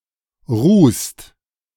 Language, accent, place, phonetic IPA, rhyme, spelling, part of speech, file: German, Germany, Berlin, [ʁuːst], -uːst, rußt, verb, De-rußt.ogg
- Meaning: inflection of rußen: 1. second-person singular/plural present 2. third-person singular present 3. plural imperative